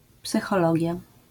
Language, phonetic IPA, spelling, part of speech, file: Polish, [ˌpsɨxɔˈlɔɟja], psychologia, noun, LL-Q809 (pol)-psychologia.wav